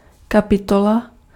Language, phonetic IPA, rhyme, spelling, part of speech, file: Czech, [ˈkapɪtola], -ola, kapitola, noun, Cs-kapitola.ogg
- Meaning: chapter (in a book)